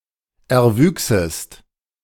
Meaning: second-person singular subjunctive II of erwachsen
- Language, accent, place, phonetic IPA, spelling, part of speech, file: German, Germany, Berlin, [ɛɐ̯ˈvyːksəst], erwüchsest, verb, De-erwüchsest.ogg